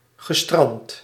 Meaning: past participle of stranden
- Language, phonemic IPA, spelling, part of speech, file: Dutch, /ɣəˈstrɑnt/, gestrand, verb, Nl-gestrand.ogg